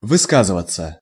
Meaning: 1. to express oneself, to express one's opinion 2. passive of выска́зывать (vyskázyvatʹ)
- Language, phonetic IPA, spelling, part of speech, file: Russian, [vɨˈskazɨvət͡sə], высказываться, verb, Ru-высказываться.ogg